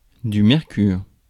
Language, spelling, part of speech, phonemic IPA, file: French, mercure, noun, /mɛʁ.kyʁ/, Fr-mercure.ogg
- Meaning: 1. mercury 2. ambient temperature